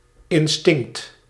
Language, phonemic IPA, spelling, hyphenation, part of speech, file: Dutch, /ɪnˈstɪŋ(k)t/, instinct, in‧stinct, noun, Nl-instinct.ogg
- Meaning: instinct (innate response, impulse or behaviour)